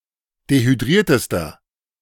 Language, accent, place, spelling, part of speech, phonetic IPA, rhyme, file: German, Germany, Berlin, dehydriertester, adjective, [dehyˈdʁiːɐ̯təstɐ], -iːɐ̯təstɐ, De-dehydriertester.ogg
- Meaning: inflection of dehydriert: 1. strong/mixed nominative masculine singular superlative degree 2. strong genitive/dative feminine singular superlative degree 3. strong genitive plural superlative degree